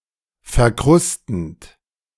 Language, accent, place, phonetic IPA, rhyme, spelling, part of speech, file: German, Germany, Berlin, [fɛɐ̯ˈkʁʊstn̩t], -ʊstn̩t, verkrustend, verb, De-verkrustend.ogg
- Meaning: present participle of verkrusten